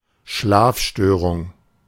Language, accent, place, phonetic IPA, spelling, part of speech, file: German, Germany, Berlin, [ˈʃlaːfˌʃtøːʁʊŋ], Schlafstörung, noun, De-Schlafstörung.ogg
- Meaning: sleep disorder